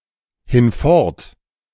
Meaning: 1. henceforth, from now on 2. away
- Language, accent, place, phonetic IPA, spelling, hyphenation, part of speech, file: German, Germany, Berlin, [ˌhɪnˈfɔʁt], hinfort, hin‧fort, adverb, De-hinfort.ogg